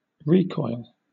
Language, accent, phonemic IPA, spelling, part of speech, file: English, Southern England, /ˈɹiːkɔɪl/, recoil, noun, LL-Q1860 (eng)-recoil.wav
- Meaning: 1. A starting or falling back; a rebound; a shrinking 2. The state or condition of having recoiled